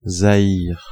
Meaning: Zaire (former name of the Democratic Republic of the Congo: a country in Central Africa; used from 1971–1997)
- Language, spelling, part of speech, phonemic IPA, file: French, Zaïre, proper noun, /za.iʁ/, Fr-Zaïre.ogg